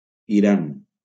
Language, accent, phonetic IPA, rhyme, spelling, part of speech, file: Catalan, Valencia, [iˈɾan], -an, Iran, proper noun, LL-Q7026 (cat)-Iran.wav
- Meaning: Iran (a country in West Asia)